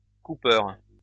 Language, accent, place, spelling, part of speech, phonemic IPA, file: French, France, Lyon, coupeur, noun, /ku.pœʁ/, LL-Q150 (fra)-coupeur.wav
- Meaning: cutter (person or thing that cuts)